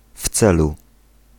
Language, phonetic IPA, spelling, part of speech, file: Polish, [ˈf‿t͡sɛlu], w celu, prepositional phrase, Pl-w celu.ogg